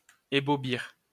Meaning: to astonish, flabbergast
- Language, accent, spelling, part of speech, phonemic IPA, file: French, France, ébaubir, verb, /e.bo.biʁ/, LL-Q150 (fra)-ébaubir.wav